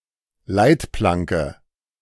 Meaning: crash barrier
- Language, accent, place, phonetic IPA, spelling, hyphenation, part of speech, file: German, Germany, Berlin, [ˈlaɪ̯tˌplaŋkə], Leitplanke, Leit‧plan‧ke, noun, De-Leitplanke.ogg